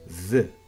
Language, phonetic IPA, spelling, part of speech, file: Kabardian, [və], вы, noun, Və.ogg
- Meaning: 1. ox 2. bull (Animal)